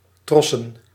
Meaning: plural of tros
- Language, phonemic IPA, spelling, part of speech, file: Dutch, /ˈtrɔsə(n)/, trossen, noun, Nl-trossen.ogg